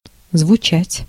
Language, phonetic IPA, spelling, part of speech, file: Russian, [zvʊˈt͡ɕætʲ], звучать, verb / adjective, Ru-звучать.ogg
- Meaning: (verb) to sound; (adjective) to sound right, to sound good